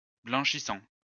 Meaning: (adjective) whitening; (noun) 1. bleach, bleacher, blancher 2. whitener; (verb) present participle of blanchir
- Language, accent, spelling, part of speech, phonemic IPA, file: French, France, blanchissant, adjective / noun / verb, /blɑ̃.ʃi.sɑ̃/, LL-Q150 (fra)-blanchissant.wav